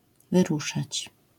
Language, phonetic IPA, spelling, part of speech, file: Polish, [vɨˈruʃat͡ɕ], wyruszać, verb, LL-Q809 (pol)-wyruszać.wav